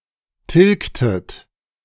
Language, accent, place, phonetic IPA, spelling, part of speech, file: German, Germany, Berlin, [ˈtɪlktət], tilgtet, verb, De-tilgtet.ogg
- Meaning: inflection of tilgen: 1. second-person plural preterite 2. second-person plural subjunctive II